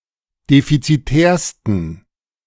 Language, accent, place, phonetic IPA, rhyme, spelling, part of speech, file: German, Germany, Berlin, [ˌdefit͡siˈtɛːɐ̯stn̩], -ɛːɐ̯stn̩, defizitärsten, adjective, De-defizitärsten.ogg
- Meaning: 1. superlative degree of defizitär 2. inflection of defizitär: strong genitive masculine/neuter singular superlative degree